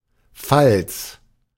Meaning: 1. fold 2. rabbet, rebate 3. seam 4. stamp hinge
- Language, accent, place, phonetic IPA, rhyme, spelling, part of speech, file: German, Germany, Berlin, [falt͡s], -alt͡s, Falz, noun, De-Falz.ogg